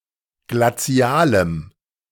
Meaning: strong dative masculine/neuter singular of glazial
- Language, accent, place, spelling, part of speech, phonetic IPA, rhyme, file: German, Germany, Berlin, glazialem, adjective, [ɡlaˈt͡si̯aːləm], -aːləm, De-glazialem.ogg